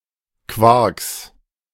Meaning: plural of Quark
- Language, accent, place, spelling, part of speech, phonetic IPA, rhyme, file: German, Germany, Berlin, Quarks, noun, [kvaʁks], -aʁks, De-Quarks.ogg